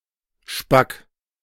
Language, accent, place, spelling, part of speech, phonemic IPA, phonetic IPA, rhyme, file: German, Germany, Berlin, spack, adjective, /ʃpak/, [ʃpakʰ], -ak, De-spack.ogg
- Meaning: 1. thin, scrawny (having an unusually low amount of both muscle and fat) 2. dry, brittle